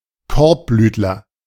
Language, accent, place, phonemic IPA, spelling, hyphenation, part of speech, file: German, Germany, Berlin, /ˈkɔɐ̯pˌblyːtlɐ/, Korbblütler, Korb‧blüt‧ler, noun, De-Korbblütler.ogg
- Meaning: any plant of the composite family (Asteraceae)